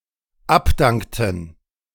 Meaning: inflection of abdanken: 1. first/third-person plural dependent preterite 2. first/third-person plural dependent subjunctive II
- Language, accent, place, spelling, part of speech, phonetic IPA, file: German, Germany, Berlin, abdankten, verb, [ˈapˌdaŋktn̩], De-abdankten.ogg